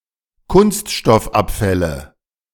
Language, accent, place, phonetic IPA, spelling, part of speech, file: German, Germany, Berlin, [ˈkʊnstʃtɔfˌʔapfɛlə], Kunststoffabfälle, noun, De-Kunststoffabfälle.ogg
- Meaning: nominative/accusative/genitive plural of Kunststoffabfall